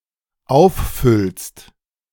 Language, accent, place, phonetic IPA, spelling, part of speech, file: German, Germany, Berlin, [ˈaʊ̯fˌfʏlst], auffüllst, verb, De-auffüllst.ogg
- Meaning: second-person singular dependent present of auffüllen